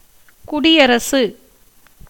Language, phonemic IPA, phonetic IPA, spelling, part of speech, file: Tamil, /kʊɖɪjɐɾɐtʃɯ/, [kʊɖɪjɐɾɐsɯ], குடியரசு, noun, Ta-குடியரசு.ogg
- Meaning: republic, republican government